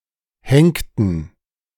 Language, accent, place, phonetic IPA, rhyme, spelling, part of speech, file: German, Germany, Berlin, [ˈhɛŋktn̩], -ɛŋktn̩, henkten, verb, De-henkten.ogg
- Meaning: inflection of henken: 1. first/third-person plural preterite 2. first/third-person plural subjunctive II